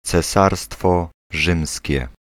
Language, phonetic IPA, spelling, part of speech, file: Polish, [t͡sɛˈsarstfɔ ˈʒɨ̃msʲcɛ], Cesarstwo Rzymskie, proper noun, Pl-Cesarstwo Rzymskie.ogg